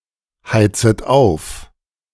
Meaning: second-person plural subjunctive I of aufheizen
- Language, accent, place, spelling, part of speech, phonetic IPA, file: German, Germany, Berlin, heizet auf, verb, [ˌhaɪ̯t͡sət ˈaʊ̯f], De-heizet auf.ogg